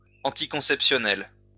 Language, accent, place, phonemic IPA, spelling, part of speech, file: French, France, Lyon, /ɑ̃.ti.kɔ̃.sɛp.sjɔ.nɛl/, anticonceptionnel, adjective, LL-Q150 (fra)-anticonceptionnel.wav
- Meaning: anticonceptional, contraceptive